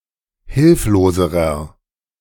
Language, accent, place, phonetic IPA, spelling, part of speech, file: German, Germany, Berlin, [ˈhɪlfloːzəʁɐ], hilfloserer, adjective, De-hilfloserer.ogg
- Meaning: inflection of hilflos: 1. strong/mixed nominative masculine singular comparative degree 2. strong genitive/dative feminine singular comparative degree 3. strong genitive plural comparative degree